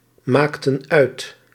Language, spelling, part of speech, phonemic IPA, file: Dutch, maakten uit, verb, /ˈmaktə(n) ˈœyt/, Nl-maakten uit.ogg
- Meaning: inflection of uitmaken: 1. plural past indicative 2. plural past subjunctive